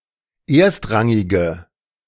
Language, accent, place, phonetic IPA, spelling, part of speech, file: German, Germany, Berlin, [ˈeːɐ̯stˌʁaŋɪɡə], erstrangige, adjective, De-erstrangige.ogg
- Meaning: inflection of erstrangig: 1. strong/mixed nominative/accusative feminine singular 2. strong nominative/accusative plural 3. weak nominative all-gender singular